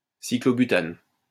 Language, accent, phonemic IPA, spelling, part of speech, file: French, France, /si.klo.by.tan/, cyclobutane, noun, LL-Q150 (fra)-cyclobutane.wav
- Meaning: cyclobutane